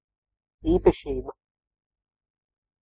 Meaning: essential, typical feature, trait, characteristic, property
- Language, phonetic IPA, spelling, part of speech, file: Latvian, [īːpaʃìːba], īpašība, noun, Lv-īpašība.ogg